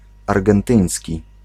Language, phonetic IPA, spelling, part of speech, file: Polish, [ˌarɡɛ̃nˈtɨ̃j̃sʲci], argentyński, adjective, Pl-argentyński.ogg